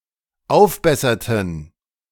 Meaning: inflection of aufbessern: 1. first/third-person plural dependent preterite 2. first/third-person plural dependent subjunctive II
- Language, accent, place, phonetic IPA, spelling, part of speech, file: German, Germany, Berlin, [ˈaʊ̯fˌbɛsɐtn̩], aufbesserten, verb, De-aufbesserten.ogg